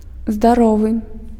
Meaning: healthy
- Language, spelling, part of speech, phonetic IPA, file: Belarusian, здаровы, adjective, [zdaˈrovɨ], Be-здаровы.ogg